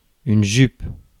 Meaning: skirt
- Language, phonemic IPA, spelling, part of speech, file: French, /ʒyp/, jupe, noun, Fr-jupe.ogg